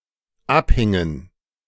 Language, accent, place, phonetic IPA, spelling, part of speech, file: German, Germany, Berlin, [ˈapˌhɪŋən], abhingen, verb, De-abhingen.ogg
- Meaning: inflection of abhängen: 1. first/third-person plural dependent preterite 2. first/third-person plural dependent subjunctive II